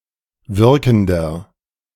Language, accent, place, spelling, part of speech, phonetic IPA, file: German, Germany, Berlin, wirkender, adjective, [ˈvɪʁkn̩dɐ], De-wirkender.ogg
- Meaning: inflection of wirkend: 1. strong/mixed nominative masculine singular 2. strong genitive/dative feminine singular 3. strong genitive plural